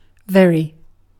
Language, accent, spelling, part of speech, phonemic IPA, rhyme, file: English, UK, very, adverb / adjective, /ˈvɛɹi/, -ɛɹi, En-uk-very.ogg
- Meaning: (adverb) 1. To a great extent or degree 2. Conforming to fact, reality or rule; true 3. Used to firmly establish that nothing else surpasses in some respect; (adjective) True, real, actual